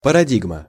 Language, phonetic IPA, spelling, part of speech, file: Russian, [pərɐˈdʲiɡmə], парадигма, noun, Ru-парадигма.ogg
- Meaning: paradigm